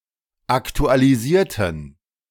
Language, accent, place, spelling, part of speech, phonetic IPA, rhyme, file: German, Germany, Berlin, aktualisierten, adjective / verb, [ˌaktualiˈziːɐ̯tn̩], -iːɐ̯tn̩, De-aktualisierten.ogg
- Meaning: inflection of aktualisieren: 1. first/third-person plural preterite 2. first/third-person plural subjunctive II